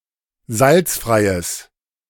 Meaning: strong/mixed nominative/accusative neuter singular of salzfrei
- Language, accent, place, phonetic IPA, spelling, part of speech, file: German, Germany, Berlin, [ˈzalt͡sfʁaɪ̯əs], salzfreies, adjective, De-salzfreies.ogg